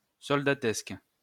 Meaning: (adjective) soldierly, soldierlike; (noun) 1. mob of unruly soldiers 2. army rabble
- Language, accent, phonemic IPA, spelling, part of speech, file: French, France, /sɔl.da.tɛsk/, soldatesque, adjective / noun, LL-Q150 (fra)-soldatesque.wav